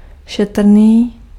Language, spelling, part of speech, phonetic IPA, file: Czech, šetrný, adjective, [ˈʃɛtr̩niː], Cs-šetrný.ogg
- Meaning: 1. frugal, thrifty, economical 2. considerate, sympathetic